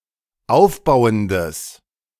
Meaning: strong/mixed nominative/accusative neuter singular of aufbauend
- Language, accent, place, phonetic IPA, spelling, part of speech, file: German, Germany, Berlin, [ˈaʊ̯fˌbaʊ̯əndəs], aufbauendes, adjective, De-aufbauendes.ogg